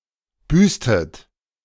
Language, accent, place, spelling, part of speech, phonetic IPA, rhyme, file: German, Germany, Berlin, büßtet, verb, [ˈbyːstət], -yːstət, De-büßtet.ogg
- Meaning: inflection of büßen: 1. second-person plural preterite 2. second-person plural subjunctive II